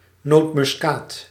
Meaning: a nutmeg (the hard aromatic seed of the Moluccan tree Myristica fragrans)
- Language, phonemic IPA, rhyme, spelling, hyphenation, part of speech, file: Dutch, /ˌnoːt.mʏsˈkaːt/, -aːt, nootmuskaat, noot‧mus‧kaat, noun, Nl-nootmuskaat.ogg